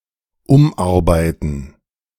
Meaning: 1. to rework, revamp 2. to revise
- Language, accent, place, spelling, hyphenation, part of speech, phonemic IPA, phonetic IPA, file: German, Germany, Berlin, umarbeiten, um‧ar‧bei‧ten, verb, /ˈʊmˌaʁbaɪ̯tən/, [ˈʊmˌaʁbaɪ̯tn̩], De-umarbeiten.ogg